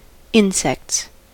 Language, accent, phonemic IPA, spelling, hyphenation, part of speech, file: English, US, /ˈɪnsɛkts/, insects, in‧sects, noun, En-us-insects.ogg
- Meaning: plural of insect